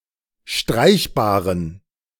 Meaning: inflection of streichbar: 1. strong genitive masculine/neuter singular 2. weak/mixed genitive/dative all-gender singular 3. strong/weak/mixed accusative masculine singular 4. strong dative plural
- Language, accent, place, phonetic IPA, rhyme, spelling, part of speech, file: German, Germany, Berlin, [ˈʃtʁaɪ̯çbaːʁən], -aɪ̯çbaːʁən, streichbaren, adjective, De-streichbaren.ogg